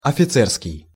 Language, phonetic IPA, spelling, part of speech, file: Russian, [ɐfʲɪˈt͡sɛrskʲɪj], офицерский, adjective, Ru-офицерский.ogg
- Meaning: officer; officer's, officers'